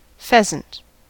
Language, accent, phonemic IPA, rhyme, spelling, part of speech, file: English, US, /ˈfɛzənt/, -ɛzənt, pheasant, noun, En-us-pheasant.ogg
- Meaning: 1. A bird of family Phasianidae, often hunted for food 2. The meat of this bird, eaten as food